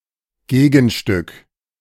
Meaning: 1. counterpart 2. mate (other member of a matched pair of objects)
- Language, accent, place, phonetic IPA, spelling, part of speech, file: German, Germany, Berlin, [ˈɡeːɡn̩ˌʃtʏk], Gegenstück, noun, De-Gegenstück.ogg